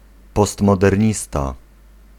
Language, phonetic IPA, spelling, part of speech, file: Polish, [ˌpɔstmɔdɛrʲˈɲista], postmodernista, noun, Pl-postmodernista.ogg